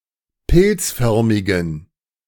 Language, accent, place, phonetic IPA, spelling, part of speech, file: German, Germany, Berlin, [ˈpɪlt͡sˌfœʁmɪɡn̩], pilzförmigen, adjective, De-pilzförmigen.ogg
- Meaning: inflection of pilzförmig: 1. strong genitive masculine/neuter singular 2. weak/mixed genitive/dative all-gender singular 3. strong/weak/mixed accusative masculine singular 4. strong dative plural